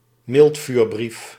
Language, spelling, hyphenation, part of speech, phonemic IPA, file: Dutch, miltvuurbrief, milt‧vuur‧brief, noun, /ˈmɪlt.fyːrˌbrif/, Nl-miltvuurbrief.ogg
- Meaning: anthrax letter